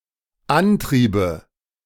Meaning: first/third-person singular dependent subjunctive II of antreiben
- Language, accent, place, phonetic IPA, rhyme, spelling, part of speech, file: German, Germany, Berlin, [ˈanˌtʁiːbə], -antʁiːbə, antriebe, verb, De-antriebe.ogg